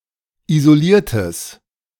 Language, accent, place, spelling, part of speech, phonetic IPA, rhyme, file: German, Germany, Berlin, isoliertes, adjective, [izoˈliːɐ̯təs], -iːɐ̯təs, De-isoliertes.ogg
- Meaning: strong/mixed nominative/accusative neuter singular of isoliert